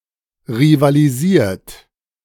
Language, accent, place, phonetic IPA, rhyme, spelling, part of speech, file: German, Germany, Berlin, [ʁivaliˈziːɐ̯t], -iːɐ̯t, rivalisiert, verb, De-rivalisiert.ogg
- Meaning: 1. past participle of rivalisieren 2. inflection of rivalisieren: second-person plural present 3. inflection of rivalisieren: third-person singular present